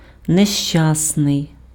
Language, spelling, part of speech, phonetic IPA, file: Ukrainian, нещасний, adjective, [neʃˈt͡ʃasnei̯], Uk-нещасний.ogg
- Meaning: 1. unhappy 2. unlucky, unfortunate